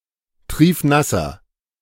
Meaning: inflection of triefnass: 1. strong/mixed nominative masculine singular 2. strong genitive/dative feminine singular 3. strong genitive plural
- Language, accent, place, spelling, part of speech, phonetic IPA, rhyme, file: German, Germany, Berlin, triefnasser, adjective, [ˈtʁiːfˈnasɐ], -asɐ, De-triefnasser.ogg